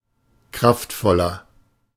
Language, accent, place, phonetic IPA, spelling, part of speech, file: German, Germany, Berlin, [ˈkʁaftˌfɔlɐ], kraftvoller, adjective, De-kraftvoller.ogg
- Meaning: 1. comparative degree of kraftvoll 2. inflection of kraftvoll: strong/mixed nominative masculine singular 3. inflection of kraftvoll: strong genitive/dative feminine singular